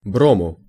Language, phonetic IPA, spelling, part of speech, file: Russian, [ˈbromʊ], брому, noun, Ru-брому.ogg
- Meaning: dative singular of бром (brom)